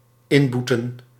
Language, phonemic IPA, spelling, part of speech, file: Dutch, /ˈɪmˌbu.tə(n)/, inboeten, verb, Nl-inboeten.ogg
- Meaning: to lose, be deprived of